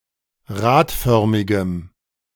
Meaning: strong dative masculine/neuter singular of radförmig
- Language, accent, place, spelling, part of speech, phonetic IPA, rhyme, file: German, Germany, Berlin, radförmigem, adjective, [ˈʁaːtˌfœʁmɪɡəm], -aːtfœʁmɪɡəm, De-radförmigem.ogg